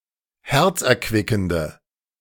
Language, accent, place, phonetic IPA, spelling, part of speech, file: German, Germany, Berlin, [ˈhɛʁt͡sʔɛɐ̯ˌkvɪkn̩də], herzerquickende, adjective, De-herzerquickende.ogg
- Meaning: inflection of herzerquickend: 1. strong/mixed nominative/accusative feminine singular 2. strong nominative/accusative plural 3. weak nominative all-gender singular